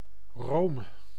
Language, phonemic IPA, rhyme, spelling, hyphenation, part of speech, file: Dutch, /roːm/, -oːm, room, room, noun, Nl-room.ogg
- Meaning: cream (of milk)